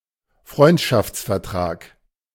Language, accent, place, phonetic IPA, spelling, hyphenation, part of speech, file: German, Germany, Berlin, [ˈfʀɔɪ̯ntʃaft͡sfɛɐ̯ˌtʀaːk], Freundschaftsvertrag, Freund‧schafts‧ver‧trag, noun, De-Freundschaftsvertrag.ogg
- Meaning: treaty of friendship